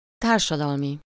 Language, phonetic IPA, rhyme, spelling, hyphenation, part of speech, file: Hungarian, [ˈtaːrʃɒdɒlmi], -mi, társadalmi, tár‧sa‧dal‧mi, adjective, Hu-társadalmi.ogg
- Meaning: social